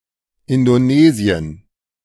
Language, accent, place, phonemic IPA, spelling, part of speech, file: German, Germany, Berlin, /ˌɪndoˈneːziən/, Indonesien, proper noun, De-Indonesien.ogg
- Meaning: Indonesia (a country and archipelago in maritime Southeast Asia)